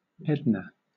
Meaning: 1. A female given name from Hebrew 2. A city, the county seat of Jackson County, Texas, United States 3. A census-designated place in San Luis Obispo County, California, United States
- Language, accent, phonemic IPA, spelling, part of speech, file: English, Southern England, /ˈɛdnə/, Edna, proper noun, LL-Q1860 (eng)-Edna.wav